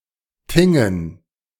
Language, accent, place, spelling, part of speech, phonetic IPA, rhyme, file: German, Germany, Berlin, Thingen, noun, [ˈtɪŋən], -ɪŋən, De-Thingen.ogg
- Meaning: dative plural of Thing